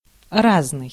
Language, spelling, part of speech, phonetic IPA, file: Russian, разный, adjective, [ˈraznɨj], Ru-разный.ogg
- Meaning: 1. different, diverse, unlike 2. various, varied, miscellaneous